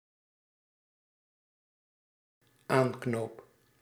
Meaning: first-person singular dependent-clause present indicative of aanknopen
- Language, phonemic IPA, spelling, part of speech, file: Dutch, /ˈaŋknop/, aanknoop, verb, Nl-aanknoop.ogg